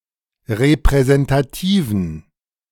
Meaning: inflection of repräsentativ: 1. strong genitive masculine/neuter singular 2. weak/mixed genitive/dative all-gender singular 3. strong/weak/mixed accusative masculine singular 4. strong dative plural
- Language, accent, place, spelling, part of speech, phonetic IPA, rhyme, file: German, Germany, Berlin, repräsentativen, adjective, [ʁepʁɛzɛntaˈtiːvn̩], -iːvn̩, De-repräsentativen.ogg